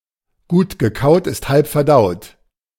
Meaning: chew your food well before swallowing it; don't eat too fast
- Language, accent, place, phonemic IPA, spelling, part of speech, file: German, Germany, Berlin, /ɡuːt ɡəˈkaʊ̯t ɪst halp fɛɐ̯ˈdaʊ̯t/, gut gekaut ist halb verdaut, proverb, De-gut gekaut ist halb verdaut.ogg